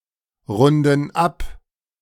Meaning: inflection of abrunden: 1. first/third-person plural present 2. first/third-person plural subjunctive I
- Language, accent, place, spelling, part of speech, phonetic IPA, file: German, Germany, Berlin, runden ab, verb, [ˌʁʊndn̩ ˈap], De-runden ab.ogg